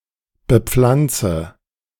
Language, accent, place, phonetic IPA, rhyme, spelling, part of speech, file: German, Germany, Berlin, [bəˈp͡flant͡sə], -ant͡sə, bepflanze, verb, De-bepflanze.ogg
- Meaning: inflection of bepflanzen: 1. first-person singular present 2. first/third-person singular subjunctive I 3. singular imperative